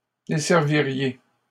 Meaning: second-person plural conditional of desservir
- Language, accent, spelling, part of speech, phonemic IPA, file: French, Canada, desserviriez, verb, /de.sɛʁ.vi.ʁje/, LL-Q150 (fra)-desserviriez.wav